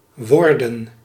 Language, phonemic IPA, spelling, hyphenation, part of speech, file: Dutch, /ˈʋɔrdə(n)/, worden, wor‧den, verb, Nl-worden.ogg
- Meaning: 1. to become, to get, to grow, to turn 2. Used to form the imperfect tense of the passive voice, together with a past participle